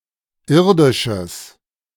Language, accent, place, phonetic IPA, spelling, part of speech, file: German, Germany, Berlin, [ˈɪʁdɪʃəs], irdisches, adjective, De-irdisches.ogg
- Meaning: strong/mixed nominative/accusative neuter singular of irdisch